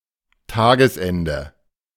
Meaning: end of day
- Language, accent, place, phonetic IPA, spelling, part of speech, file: German, Germany, Berlin, [ˈtaːɡəsˌɛndə], Tagesende, noun, De-Tagesende.ogg